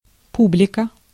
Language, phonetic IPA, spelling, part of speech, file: Russian, [ˈpublʲɪkə], публика, noun, Ru-публика.ogg
- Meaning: audience (a group of people seeing or hearing a performance)